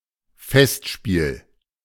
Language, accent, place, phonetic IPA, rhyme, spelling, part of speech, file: German, Germany, Berlin, [ˈfɛstˌʃpiːl], -ɛstʃpiːl, Festspiel, noun, De-Festspiel.ogg
- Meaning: 1. festival stageplay 2. festival: a celebratory event or series of special events, often held at regular intervals